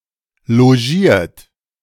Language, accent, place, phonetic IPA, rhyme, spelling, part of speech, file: German, Germany, Berlin, [loˈʒiːɐ̯t], -iːɐ̯t, logiert, verb, De-logiert.ogg
- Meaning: 1. past participle of logieren 2. inflection of logieren: third-person singular present 3. inflection of logieren: second-person plural present 4. inflection of logieren: plural imperative